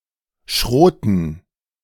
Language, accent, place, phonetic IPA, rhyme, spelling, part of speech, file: German, Germany, Berlin, [ˈʃʁoːtə], -oːtə, Schrote, noun, De-Schrote.ogg
- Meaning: nominative/accusative/genitive plural of Schrot